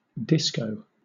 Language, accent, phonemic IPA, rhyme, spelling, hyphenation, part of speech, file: English, Southern England, /ˈdɪskəʊ/, -ɪskəʊ, disco, dis‧co, noun / verb, LL-Q1860 (eng)-disco.wav
- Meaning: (noun) Clipping of discotheque (“nightclub for dancing”)